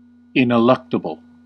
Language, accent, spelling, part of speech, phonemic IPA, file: English, US, ineluctable, adjective, /ɪn.ɪˈlʌk.tə.bəl/, En-us-ineluctable.ogg
- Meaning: Impossible to avoid or escape; inescapable, irresistible